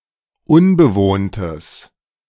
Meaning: strong/mixed nominative/accusative neuter singular of unbewohnt
- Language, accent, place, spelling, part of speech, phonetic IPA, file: German, Germany, Berlin, unbewohntes, adjective, [ˈʊnbəˌvoːntəs], De-unbewohntes.ogg